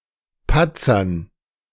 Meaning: dative plural of Patzer
- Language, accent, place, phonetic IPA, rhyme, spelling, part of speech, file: German, Germany, Berlin, [ˈpat͡sɐn], -at͡sɐn, Patzern, noun, De-Patzern.ogg